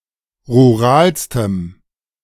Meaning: strong dative masculine/neuter singular superlative degree of rural
- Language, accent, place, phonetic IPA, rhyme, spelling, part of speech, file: German, Germany, Berlin, [ʁuˈʁaːlstəm], -aːlstəm, ruralstem, adjective, De-ruralstem.ogg